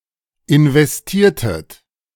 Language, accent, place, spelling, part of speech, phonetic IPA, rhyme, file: German, Germany, Berlin, investiertet, verb, [ɪnvɛsˈtiːɐ̯tət], -iːɐ̯tət, De-investiertet.ogg
- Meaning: inflection of investieren: 1. second-person plural preterite 2. second-person plural subjunctive II